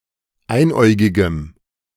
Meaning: strong dative masculine/neuter singular of einäugig
- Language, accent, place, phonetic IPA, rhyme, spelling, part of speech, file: German, Germany, Berlin, [ˈaɪ̯nˌʔɔɪ̯ɡɪɡəm], -aɪ̯nʔɔɪ̯ɡɪɡəm, einäugigem, adjective, De-einäugigem.ogg